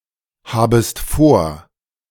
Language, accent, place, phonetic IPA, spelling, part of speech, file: German, Germany, Berlin, [ˌhaːbəst ˈfoːɐ̯], habest vor, verb, De-habest vor.ogg
- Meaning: second-person singular subjunctive I of vorhaben